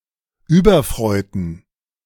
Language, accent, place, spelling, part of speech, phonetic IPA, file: German, Germany, Berlin, überfreuten, adjective, [ˈyːbɐˌfr̺ɔɪ̯tn̩], De-überfreuten.ogg
- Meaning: inflection of überfreut: 1. strong genitive masculine/neuter singular 2. weak/mixed genitive/dative all-gender singular 3. strong/weak/mixed accusative masculine singular 4. strong dative plural